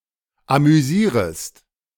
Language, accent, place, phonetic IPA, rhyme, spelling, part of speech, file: German, Germany, Berlin, [amyˈziːʁəst], -iːʁəst, amüsierest, verb, De-amüsierest.ogg
- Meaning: second-person singular subjunctive I of amüsieren